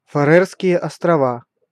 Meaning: Faroe Islands (an archipelago and self-governing autonomous territory of Denmark, in the North Atlantic Ocean between Scotland and Iceland)
- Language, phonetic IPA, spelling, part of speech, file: Russian, [fɐˈrɛrskʲɪje ɐstrɐˈva], Фарерские острова, proper noun, Ru-Фарерские острова.ogg